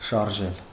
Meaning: 1. to move 2. to set in motion, set going 3. to drive, guide, make act (in some way); to be the motive force (behind)
- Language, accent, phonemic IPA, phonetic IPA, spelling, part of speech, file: Armenian, Eastern Armenian, /ʃɑɾˈʒel/, [ʃɑɾʒél], շարժել, verb, Hy-շարժել.ogg